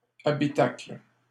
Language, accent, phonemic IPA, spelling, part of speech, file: French, Canada, /a.bi.takl/, habitacle, noun, LL-Q150 (fra)-habitacle.wav
- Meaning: 1. habitation, dwelling 2. binnacle 3. cockpit 4. passenger compartment